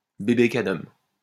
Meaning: 1. baby of an idealised appearance 2. puerile, childish, babyish or immature person
- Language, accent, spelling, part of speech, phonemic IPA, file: French, France, bébé Cadum, noun, /be.be ka.dɔm/, LL-Q150 (fra)-bébé Cadum.wav